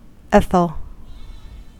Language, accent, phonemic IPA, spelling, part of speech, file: English, US, /ˈɛθ.əl/, ethel, noun / adjective, En-us-ethel.ogg
- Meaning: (noun) 1. The rune ᛟ 2. The name of the Latin script letter Œ/œ; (adjective) Noble; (noun) Alternative form of athel (“tamarisk”)